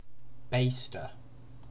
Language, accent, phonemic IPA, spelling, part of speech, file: English, UK, /ˈbeɪstə/, baster, noun, En-uk-baster.ogg
- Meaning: 1. One who bastes 2. A tool for basting meat with fat or gravy